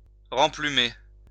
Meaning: to put flesh on the bones (begin to recover weight loss)
- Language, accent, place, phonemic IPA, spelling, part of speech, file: French, France, Lyon, /ʁɑ̃.ply.me/, remplumer, verb, LL-Q150 (fra)-remplumer.wav